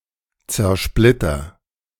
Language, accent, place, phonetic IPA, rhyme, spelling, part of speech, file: German, Germany, Berlin, [t͡sɛɐ̯ˈʃplɪtɐ], -ɪtɐ, zersplitter, verb, De-zersplitter.ogg
- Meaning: inflection of zersplittern: 1. first-person singular present 2. singular imperative